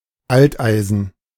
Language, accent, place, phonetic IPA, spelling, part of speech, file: German, Germany, Berlin, [ˈaltˌʔaɪ̯zn̩], Alteisen, noun, De-Alteisen.ogg
- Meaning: scrap iron